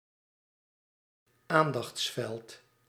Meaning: focus, center of attention
- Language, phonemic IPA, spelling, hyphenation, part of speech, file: Dutch, /ˈaːn.dɑxtsˌfɛlt/, aandachtsveld, aan‧dachts‧veld, noun, Nl-aandachtsveld.ogg